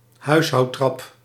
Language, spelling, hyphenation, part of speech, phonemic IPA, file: Dutch, huishoudtrap, huis‧houd‧trap, noun, /ˈɦœy̯s.ɦɑu̯(t)ˌtrɑp/, Nl-huishoudtrap.ogg
- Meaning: stepladder